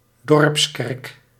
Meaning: village church
- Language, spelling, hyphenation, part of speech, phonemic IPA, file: Dutch, dorpskerk, dorps‧kerk, noun, /ˈdɔrps.kɛrk/, Nl-dorpskerk.ogg